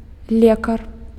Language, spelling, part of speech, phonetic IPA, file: Belarusian, лекар, noun, [ˈlʲekar], Be-лекар.ogg
- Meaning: doctor